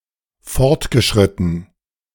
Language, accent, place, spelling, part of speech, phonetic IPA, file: German, Germany, Berlin, fortgeschritten, verb / adjective, [ˈfɔɐ̯tɡəʃʁɪtn̩], De-fortgeschritten.ogg
- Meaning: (verb) past participle of fortschreiten; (adjective) advanced